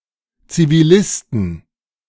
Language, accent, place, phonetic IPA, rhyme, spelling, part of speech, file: German, Germany, Berlin, [ˌt͡siviˈlɪstn̩], -ɪstn̩, Zivilisten, noun, De-Zivilisten.ogg
- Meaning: inflection of Zivilist: 1. genitive/dative/accusative singular 2. nominative/genitive/dative/accusative plural